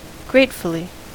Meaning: In a grateful manner
- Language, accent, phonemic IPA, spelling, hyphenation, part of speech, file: English, US, /ˈɡɹeɪtfəli/, gratefully, grate‧ful‧ly, adverb, En-us-gratefully.ogg